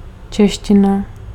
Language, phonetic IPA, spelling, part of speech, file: Czech, [ˈt͡ʃɛʃcɪna], čeština, noun, Cs-čeština.ogg
- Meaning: Czech (language)